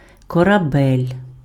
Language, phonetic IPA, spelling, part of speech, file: Ukrainian, [kɔrɐˈbɛlʲ], корабель, noun, Uk-корабель.ogg
- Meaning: ship (large vessel)